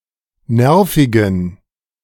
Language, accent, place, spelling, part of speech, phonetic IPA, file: German, Germany, Berlin, nervigen, adjective, [ˈnɛʁfɪɡn̩], De-nervigen.ogg
- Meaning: inflection of nervig: 1. strong genitive masculine/neuter singular 2. weak/mixed genitive/dative all-gender singular 3. strong/weak/mixed accusative masculine singular 4. strong dative plural